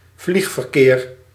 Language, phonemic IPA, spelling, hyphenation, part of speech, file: Dutch, /ˈvlix.vərˌkeːr/, vliegverkeer, vlieg‧ver‧keer, noun, Nl-vliegverkeer.ogg
- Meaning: air traffic